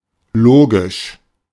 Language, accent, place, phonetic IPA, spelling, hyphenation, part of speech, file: German, Germany, Berlin, [ˈloːɡɪʃ], logisch, lo‧gisch, adjective / adverb, De-logisch.ogg
- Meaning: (adjective) logical; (adverb) 1. logically 2. of course, absolutely, certainly